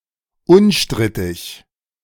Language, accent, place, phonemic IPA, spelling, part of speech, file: German, Germany, Berlin, /ˈʊnˌʃtʁɪtɪç/, unstrittig, adjective, De-unstrittig.ogg
- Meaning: indisputable, uncontroversial